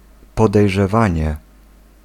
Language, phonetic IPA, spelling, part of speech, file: Polish, [ˌpɔdɛjʒɛˈvãɲɛ], podejrzewanie, noun, Pl-podejrzewanie.ogg